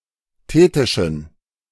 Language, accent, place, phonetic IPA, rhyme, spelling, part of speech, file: German, Germany, Berlin, [ˈteːtɪʃn̩], -eːtɪʃn̩, thetischen, adjective, De-thetischen.ogg
- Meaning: inflection of thetisch: 1. strong genitive masculine/neuter singular 2. weak/mixed genitive/dative all-gender singular 3. strong/weak/mixed accusative masculine singular 4. strong dative plural